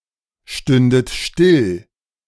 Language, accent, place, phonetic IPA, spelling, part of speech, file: German, Germany, Berlin, [ˌʃtʏndət ˈʃtɪl], stündet still, verb, De-stündet still.ogg
- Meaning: second-person plural subjunctive II of stillstehen